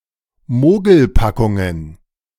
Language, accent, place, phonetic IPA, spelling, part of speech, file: German, Germany, Berlin, [ˈmoːɡl̩ˌpakʊŋən], Mogelpackungen, noun, De-Mogelpackungen.ogg
- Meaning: plural of Mogelpackung